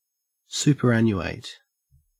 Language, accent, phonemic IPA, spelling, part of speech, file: English, Australia, /ˌsuːpəɹˈænjueɪt/, superannuate, verb, En-au-superannuate.ogg
- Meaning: 1. To retire or put out of use due to age 2. To show to be obsolete due to age 3. To retire due to age 4. To become obsolete or antiquated